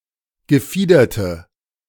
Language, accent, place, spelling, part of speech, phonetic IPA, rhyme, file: German, Germany, Berlin, gefiederte, adjective, [ɡəˈfiːdɐtə], -iːdɐtə, De-gefiederte.ogg
- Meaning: inflection of gefiedert: 1. strong/mixed nominative/accusative feminine singular 2. strong nominative/accusative plural 3. weak nominative all-gender singular